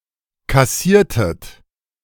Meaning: inflection of kassieren: 1. second-person plural preterite 2. second-person plural subjunctive II
- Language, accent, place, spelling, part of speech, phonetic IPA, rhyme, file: German, Germany, Berlin, kassiertet, verb, [kaˈsiːɐ̯tət], -iːɐ̯tət, De-kassiertet.ogg